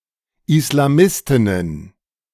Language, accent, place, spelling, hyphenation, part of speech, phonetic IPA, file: German, Germany, Berlin, Islamistinnen, Is‧la‧mis‧tin‧nen, noun, [ɪslaˈmɪstɪnən], De-Islamistinnen.ogg
- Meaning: plural of Islamistin